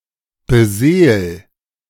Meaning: 1. singular imperative of beseelen 2. first-person singular present of beseelen
- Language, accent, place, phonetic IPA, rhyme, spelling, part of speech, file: German, Germany, Berlin, [bəˈzeːl], -eːl, beseel, verb, De-beseel.ogg